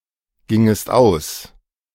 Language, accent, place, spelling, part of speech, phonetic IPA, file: German, Germany, Berlin, gingest aus, verb, [ˌɡɪŋəst ˈaʊ̯s], De-gingest aus.ogg
- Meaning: second-person singular subjunctive II of ausgehen